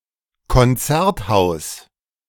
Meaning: concert hall (building)
- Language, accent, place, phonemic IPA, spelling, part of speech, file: German, Germany, Berlin, /kɔnˈt͡sɛʁtˌhaʊ̯s/, Konzerthaus, noun, De-Konzerthaus.ogg